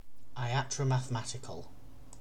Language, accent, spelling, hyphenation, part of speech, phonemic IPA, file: English, UK, iatromathematical, i‧at‧ro‧math‧e‧ma‧ti‧cal, adjective, /ʌɪˌat.ɹə(ʊ).ma.θəˈma.ti.kəl/, En-uk-iatromathematical.ogg
- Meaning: 1. Pertaining to a practice of medicine in conjunction with astrology 2. Pertaining to a theory or practice of medicine founded on mathematical principles